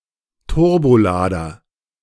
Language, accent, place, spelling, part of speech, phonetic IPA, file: German, Germany, Berlin, Turbolader, noun, [ˈtʊʁboˌlaːdɐ], De-Turbolader.ogg
- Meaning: turbocharger (turbosupercharger)